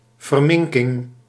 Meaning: mutilation
- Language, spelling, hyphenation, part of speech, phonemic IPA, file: Dutch, verminking, ver‧min‧king, noun, /vərˈmɪŋ.kɪŋ/, Nl-verminking.ogg